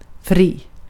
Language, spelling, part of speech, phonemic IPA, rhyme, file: Swedish, fri, adjective, /friː/, -iː, Sv-fri.ogg
- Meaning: 1. free (unconstrained) 2. free (not imprisoned) 3. free (without obligations) 4. free (obtainable without payment) 5. free (without)